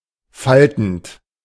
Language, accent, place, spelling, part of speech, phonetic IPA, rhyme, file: German, Germany, Berlin, faltend, verb, [ˈfaltn̩t], -altn̩t, De-faltend.ogg
- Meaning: present participle of falten